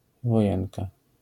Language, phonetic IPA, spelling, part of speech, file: Polish, [vɔˈjɛ̃nka], wojenka, noun, LL-Q809 (pol)-wojenka.wav